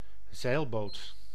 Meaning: sailboat, sailing boat
- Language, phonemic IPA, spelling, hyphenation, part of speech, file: Dutch, /ˈzɛi̯l.boːt/, zeilboot, zeil‧boot, noun, Nl-zeilboot.ogg